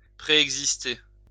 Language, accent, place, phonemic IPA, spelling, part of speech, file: French, France, Lyon, /pʁe.ɛɡ.zis.te/, préexister, verb, LL-Q150 (fra)-préexister.wav
- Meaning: to preexist